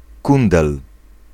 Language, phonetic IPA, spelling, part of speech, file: Polish, [ˈkũndɛl], kundel, noun, Pl-kundel.ogg